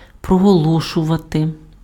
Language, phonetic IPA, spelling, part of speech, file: Ukrainian, [prɔɦɔˈɫɔʃʊʋɐte], проголошувати, verb, Uk-проголошувати.ogg
- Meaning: to proclaim